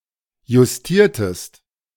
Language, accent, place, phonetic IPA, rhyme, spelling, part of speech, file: German, Germany, Berlin, [jʊsˈtiːɐ̯təst], -iːɐ̯təst, justiertest, verb, De-justiertest.ogg
- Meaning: inflection of justieren: 1. second-person singular preterite 2. second-person singular subjunctive II